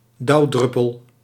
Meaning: dew drop, dew droplet
- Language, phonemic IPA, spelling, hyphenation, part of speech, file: Dutch, /ˈdɑu̯ˌdrʏ.pəl/, dauwdruppel, dauw‧drup‧pel, noun, Nl-dauwdruppel.ogg